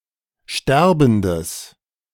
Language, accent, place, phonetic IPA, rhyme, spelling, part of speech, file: German, Germany, Berlin, [ˈʃtɛʁbn̩dəs], -ɛʁbn̩dəs, sterbendes, adjective, De-sterbendes.ogg
- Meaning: strong/mixed nominative/accusative neuter singular of sterbend